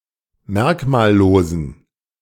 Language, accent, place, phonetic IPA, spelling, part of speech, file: German, Germany, Berlin, [ˈmɛʁkmaːlˌloːzn̩], merkmallosen, adjective, De-merkmallosen.ogg
- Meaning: inflection of merkmallos: 1. strong genitive masculine/neuter singular 2. weak/mixed genitive/dative all-gender singular 3. strong/weak/mixed accusative masculine singular 4. strong dative plural